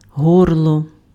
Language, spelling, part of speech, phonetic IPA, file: Ukrainian, горло, noun, [ˈɦɔrɫɔ], Uk-горло.ogg
- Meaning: 1. throat 2. gullet 3. neck (of a vessel)